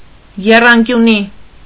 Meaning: alternative form of եռանկյուն (eṙankyun)
- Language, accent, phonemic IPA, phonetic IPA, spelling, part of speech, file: Armenian, Eastern Armenian, /jerɑnkjuˈni/, [jerɑŋkjuní], եռանկյունի, noun, Hy-եռանկյունի.ogg